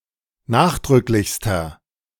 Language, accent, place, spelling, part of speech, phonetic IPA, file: German, Germany, Berlin, nachdrücklichster, adjective, [ˈnaːxdʁʏklɪçstɐ], De-nachdrücklichster.ogg
- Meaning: inflection of nachdrücklich: 1. strong/mixed nominative masculine singular superlative degree 2. strong genitive/dative feminine singular superlative degree